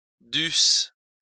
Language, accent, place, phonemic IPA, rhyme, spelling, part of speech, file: French, France, Lyon, /dys/, -ys, dusses, verb, LL-Q150 (fra)-dusses.wav
- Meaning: second-person singular imperfect subjunctive of devoir